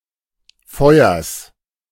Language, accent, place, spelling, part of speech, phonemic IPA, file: German, Germany, Berlin, Feuers, noun, /ˈfɔɪ̯ɐs/, De-Feuers.ogg
- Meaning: genitive singular of Feuer